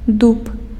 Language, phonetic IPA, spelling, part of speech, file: Belarusian, [dup], дуб, noun, Be-дуб.ogg
- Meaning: oak (Quercus spp.) (tree and wood)